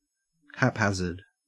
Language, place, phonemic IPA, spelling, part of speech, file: English, Queensland, /(ˌ)hæpˈhæz.əd/, haphazard, adjective / noun / adverb, En-au-haphazard.ogg
- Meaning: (adjective) Random; chaotic; incomplete; not thorough, constant, or consistent; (noun) Simple chance, a random accident, luck; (adverb) Haphazardly